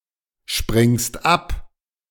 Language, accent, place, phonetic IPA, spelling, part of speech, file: German, Germany, Berlin, [ˌʃpʁɪŋst ˈap], springst ab, verb, De-springst ab.ogg
- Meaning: second-person singular present of abspringen